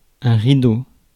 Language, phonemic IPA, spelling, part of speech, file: French, /ʁi.do/, rideau, noun, Fr-rideau.ogg
- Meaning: 1. curtain (woven fabric to cover, e.g., windows) 2. blind (cover for windows) 3. curtain, veil (something keeping another in secret)